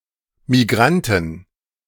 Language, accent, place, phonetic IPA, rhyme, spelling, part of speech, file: German, Germany, Berlin, [miˈɡʁantn̩], -antn̩, Migranten, noun, De-Migranten.ogg
- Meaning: 1. genitive singular of Migrant 2. plural of Migrant